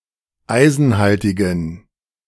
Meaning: inflection of eisenhaltig: 1. strong genitive masculine/neuter singular 2. weak/mixed genitive/dative all-gender singular 3. strong/weak/mixed accusative masculine singular 4. strong dative plural
- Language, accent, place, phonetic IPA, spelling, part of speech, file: German, Germany, Berlin, [ˈaɪ̯zn̩ˌhaltɪɡn̩], eisenhaltigen, adjective, De-eisenhaltigen.ogg